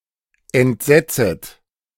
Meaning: second-person plural subjunctive I of entsetzen
- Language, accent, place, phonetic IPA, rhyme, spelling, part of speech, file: German, Germany, Berlin, [ɛntˈzɛt͡sət], -ɛt͡sət, entsetzet, verb, De-entsetzet.ogg